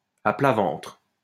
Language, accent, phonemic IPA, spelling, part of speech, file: French, France, /a pla vɑ̃tʁ/, à plat ventre, adverb, LL-Q150 (fra)-à plat ventre.wav
- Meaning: face-down